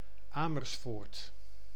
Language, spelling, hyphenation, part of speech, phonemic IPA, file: Dutch, Amersfoort, Amers‧foort, proper noun, /ˈaː.mərsˌfoːrt/, Nl-Amersfoort.ogg
- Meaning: Amersfoort (a city and municipality of Utrecht, Netherlands)